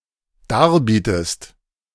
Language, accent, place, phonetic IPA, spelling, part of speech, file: German, Germany, Berlin, [ˈdaːɐ̯ˌbiːtəst], darbietest, verb, De-darbietest.ogg
- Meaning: inflection of darbieten: 1. second-person singular dependent present 2. second-person singular dependent subjunctive I